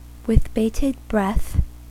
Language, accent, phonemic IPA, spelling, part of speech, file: English, US, /wɪð ˈbeɪtɪd ˈbɹɛθ/, with bated breath, prepositional phrase, En-us-with bated breath.ogg
- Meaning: 1. With reduced breath 2. Eagerly; with great anticipation